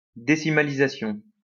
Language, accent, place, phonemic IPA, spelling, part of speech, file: French, France, Lyon, /de.si.ma.li.za.sjɔ̃/, décimalisation, noun, LL-Q150 (fra)-décimalisation.wav
- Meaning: decimalisation